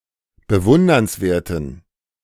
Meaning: inflection of bewundernswert: 1. strong genitive masculine/neuter singular 2. weak/mixed genitive/dative all-gender singular 3. strong/weak/mixed accusative masculine singular 4. strong dative plural
- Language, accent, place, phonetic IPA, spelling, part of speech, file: German, Germany, Berlin, [bəˈvʊndɐnsˌveːɐ̯tn̩], bewundernswerten, adjective, De-bewundernswerten.ogg